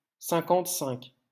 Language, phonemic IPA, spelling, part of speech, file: French, /sɛ̃.kɑ̃t.sɛ̃k/, cinquante-cinq, numeral, LL-Q150 (fra)-cinquante-cinq.wav
- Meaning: fifty-five